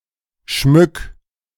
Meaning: 1. singular imperative of schmücken 2. first-person singular present of schmücken
- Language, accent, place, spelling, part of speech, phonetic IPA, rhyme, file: German, Germany, Berlin, schmück, verb, [ʃmʏk], -ʏk, De-schmück.ogg